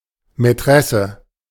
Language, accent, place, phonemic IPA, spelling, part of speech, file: German, Germany, Berlin, /mɛˈtʁɛsə/, Mätresse, noun, De-Mätresse.ogg
- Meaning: mistress, paramour